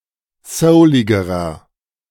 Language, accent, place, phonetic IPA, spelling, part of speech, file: German, Germany, Berlin, [ˈsəʊlɪɡəʁɐ], souligerer, adjective, De-souligerer.ogg
- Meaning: inflection of soulig: 1. strong/mixed nominative masculine singular comparative degree 2. strong genitive/dative feminine singular comparative degree 3. strong genitive plural comparative degree